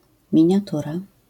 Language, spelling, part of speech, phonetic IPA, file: Polish, miniatura, noun, [ˌmʲĩɲaˈtura], LL-Q809 (pol)-miniatura.wav